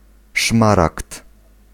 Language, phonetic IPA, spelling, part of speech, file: Polish, [ˈʃmarakt], szmaragd, noun, Pl-szmaragd.ogg